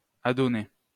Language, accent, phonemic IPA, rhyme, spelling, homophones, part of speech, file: French, France, /a.dɔ.ne/, -e, adonner, adonnai / adonné / adonnée / adonnées / adonnés / adonnez, verb, LL-Q150 (fra)-adonner.wav
- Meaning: 1. to devote oneself 2. to get along well, be compatible 3. to get used to 4. to happen, come to pass (by chance), to happen (by coincidence)